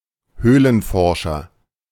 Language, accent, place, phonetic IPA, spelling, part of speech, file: German, Germany, Berlin, [ˈhøːlənˌfɔʁʃɐ], Höhlenforscher, noun, De-Höhlenforscher.ogg
- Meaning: a scientist who is studying and/or exploring caves, speleologist/spelaeologist